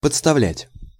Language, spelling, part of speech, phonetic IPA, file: Russian, подставлять, verb, [pət͡sstɐˈvlʲætʲ], Ru-подставлять.ogg
- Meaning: 1. to place 2. to hold up to, to offer to, to make accessible to (by bringing or turning something) 3. to substitute 4. to expose, to leave vulnerable